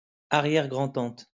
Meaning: great-grandaunt
- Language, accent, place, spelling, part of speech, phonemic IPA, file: French, France, Lyon, arrière-grand-tante, noun, /a.ʁjɛʁ.ɡʁɑ̃.tɑ̃t/, LL-Q150 (fra)-arrière-grand-tante.wav